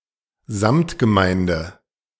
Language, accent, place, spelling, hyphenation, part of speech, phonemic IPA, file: German, Germany, Berlin, Samtgemeinde, Samt‧ge‧mein‧de, noun, /ˈzamtɡəˌmaɪ̯ndə/, De-Samtgemeinde.ogg
- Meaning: joint municipal association (an administrative division in Lower Saxony)